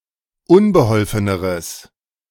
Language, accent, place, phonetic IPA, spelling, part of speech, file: German, Germany, Berlin, [ˈʊnbəˌhɔlfənəʁəs], unbeholfeneres, adjective, De-unbeholfeneres.ogg
- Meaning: strong/mixed nominative/accusative neuter singular comparative degree of unbeholfen